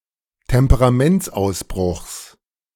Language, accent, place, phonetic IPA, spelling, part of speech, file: German, Germany, Berlin, [tɛmpəʁaˈmɛnt͡sʔaʊ̯sˌbʁʊxs], Temperamentsausbruchs, noun, De-Temperamentsausbruchs.ogg
- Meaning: genitive singular of Temperamentsausbruch